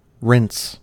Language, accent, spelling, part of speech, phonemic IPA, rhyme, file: English, US, rinse, verb / noun, /ɹɪns/, -ɪns, En-us-rinse.ogg
- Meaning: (verb) 1. To wash (something) quickly using water and no soap 2. To remove soap from (something) using water 3. To drink and hangout with friends 4. To swish (a liquid) around the inside of something